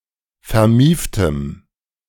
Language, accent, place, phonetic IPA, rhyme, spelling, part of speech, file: German, Germany, Berlin, [fɛɐ̯ˈmiːftəm], -iːftəm, vermieftem, adjective, De-vermieftem.ogg
- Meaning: strong dative masculine/neuter singular of vermieft